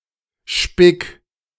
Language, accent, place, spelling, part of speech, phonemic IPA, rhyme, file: German, Germany, Berlin, spick, verb, /ʃpɪk/, -ɪk, De-spick.ogg
- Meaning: 1. singular imperative of spicken 2. first-person singular present of spicken